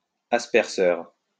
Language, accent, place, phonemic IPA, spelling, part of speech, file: French, France, Lyon, /as.pɛʁ.sœʁ/, asperseur, noun, LL-Q150 (fra)-asperseur.wav
- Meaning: sprinkler (agricultural, or against fire)